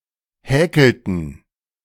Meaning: inflection of häkeln: 1. first/third-person plural preterite 2. first/third-person plural subjunctive II
- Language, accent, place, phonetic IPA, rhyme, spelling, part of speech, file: German, Germany, Berlin, [ˈhɛːkl̩tn̩], -ɛːkl̩tn̩, häkelten, verb, De-häkelten.ogg